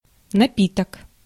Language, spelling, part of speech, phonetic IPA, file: Russian, напиток, noun, [nɐˈpʲitək], Ru-напиток.ogg
- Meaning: 1. drink (verbal noun of пить (pitʹ) (nomen obiecti)) 2. beverage 3. alcoholic beverage